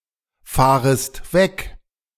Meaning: second-person singular subjunctive I of wegfahren
- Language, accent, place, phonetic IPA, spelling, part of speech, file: German, Germany, Berlin, [ˌfaːʁəst ˈvɛk], fahrest weg, verb, De-fahrest weg.ogg